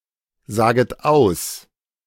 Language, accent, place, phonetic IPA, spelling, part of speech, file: German, Germany, Berlin, [ˌzaːɡət ˈaʊ̯s], saget aus, verb, De-saget aus.ogg
- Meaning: second-person plural subjunctive I of aussagen